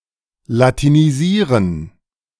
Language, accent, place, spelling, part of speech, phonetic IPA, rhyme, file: German, Germany, Berlin, latinisieren, verb, [latiniˈziːʁən], -iːʁən, De-latinisieren.ogg
- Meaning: to Latinize